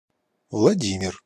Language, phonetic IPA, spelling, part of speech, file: Russian, [vɫɐˈdʲimʲɪr], Владимир, proper noun, Ru-Владимир.ogg
- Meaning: 1. a male given name, equivalent to English Vladimir 2. Vladimir (a city, the administrative center of Vladimir Oblast, Russia)